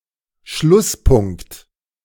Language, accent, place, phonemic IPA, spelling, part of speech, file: German, Germany, Berlin, /ˈʃlʊsˌpʊŋkt/, Schlusspunkt, noun, De-Schlusspunkt.ogg
- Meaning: 1. full stop 2. end of a process, conclusion